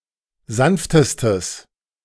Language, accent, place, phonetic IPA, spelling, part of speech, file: German, Germany, Berlin, [ˈzanftəstəs], sanftestes, adjective, De-sanftestes.ogg
- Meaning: strong/mixed nominative/accusative neuter singular superlative degree of sanft